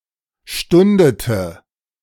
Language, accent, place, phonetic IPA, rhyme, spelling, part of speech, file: German, Germany, Berlin, [ˈʃtʊndətə], -ʊndətə, stundete, verb, De-stundete.ogg
- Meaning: inflection of stunden: 1. first/third-person singular preterite 2. first/third-person singular subjunctive II